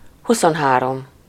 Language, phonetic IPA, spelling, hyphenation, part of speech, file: Hungarian, [ˈhusonɦaːrom], huszonhárom, hu‧szon‧há‧rom, numeral, Hu-huszonhárom.ogg
- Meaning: twenty-three